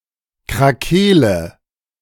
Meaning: inflection of krakeelen: 1. first-person singular present 2. first/third-person singular subjunctive I 3. singular imperative
- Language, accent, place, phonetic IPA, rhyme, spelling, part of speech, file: German, Germany, Berlin, [kʁaˈkeːlə], -eːlə, krakeele, verb, De-krakeele.ogg